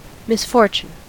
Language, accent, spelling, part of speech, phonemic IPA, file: English, US, misfortune, noun, /mɪsˈfɔɹt͡ʃən/, En-us-misfortune.ogg
- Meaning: 1. Synonym of bad luck 2. An instance of bad luck, an undesirable event such as an accident